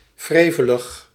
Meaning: spiteful, cantankerous
- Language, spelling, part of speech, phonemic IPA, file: Dutch, wrevelig, adjective, /ˈvreːvələx/, Nl-wrevelig.ogg